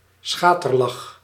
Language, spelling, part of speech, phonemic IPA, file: Dutch, schaterlach, noun / verb, /ˈsxatərˌlɑx/, Nl-schaterlach.ogg
- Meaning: loud laughter